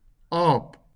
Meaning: A monkey, ape
- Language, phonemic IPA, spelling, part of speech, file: Afrikaans, /ɑːp/, aap, noun, LL-Q14196 (afr)-aap.wav